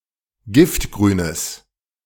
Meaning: strong/mixed nominative/accusative neuter singular of giftgrün
- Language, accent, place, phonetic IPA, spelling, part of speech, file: German, Germany, Berlin, [ˈɡɪftɡʁyːnəs], giftgrünes, adjective, De-giftgrünes.ogg